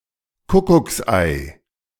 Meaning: 1. cuckoo's egg 2. child raised in a family, but of a different father
- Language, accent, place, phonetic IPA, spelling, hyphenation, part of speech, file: German, Germany, Berlin, [ˈkʊkʊksˌʔaɪ̯], Kuckucksei, Ku‧ckucks‧ei, noun, De-Kuckucksei.ogg